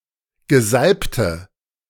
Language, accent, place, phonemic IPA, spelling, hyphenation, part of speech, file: German, Germany, Berlin, /ɡəˈzalptə/, Gesalbte, Ge‧salb‧te, noun, De-Gesalbte.ogg
- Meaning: anointed